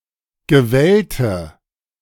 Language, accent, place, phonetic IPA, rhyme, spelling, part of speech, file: German, Germany, Berlin, [ɡəˈvɛltə], -ɛltə, gewellte, adjective, De-gewellte.ogg
- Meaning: inflection of gewellt: 1. strong/mixed nominative/accusative feminine singular 2. strong nominative/accusative plural 3. weak nominative all-gender singular 4. weak accusative feminine/neuter singular